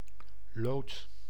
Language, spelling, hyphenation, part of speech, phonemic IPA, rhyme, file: Dutch, lood, lood, noun, /loːt/, -oːt, Nl-lood.ogg
- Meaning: 1. lead 2. lot (old unit of weight, equal to 1⁄30 or 1⁄32 of a pound) 3. plumb bob, plummet